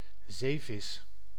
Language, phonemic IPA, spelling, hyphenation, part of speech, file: Dutch, /ˈzeː.vɪs/, zeevis, zee‧vis, noun, Nl-zeevis.ogg
- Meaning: a marine fish (fish that lives at sea)